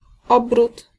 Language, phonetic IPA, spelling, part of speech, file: Polish, [ˈɔbrut], obrót, noun, Pl-obrót.ogg